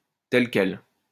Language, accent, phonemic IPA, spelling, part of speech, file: French, France, /tɛl kɛl/, tel quel, adjective, LL-Q150 (fra)-tel quel.wav
- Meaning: as is, as it is (as they are, etc.)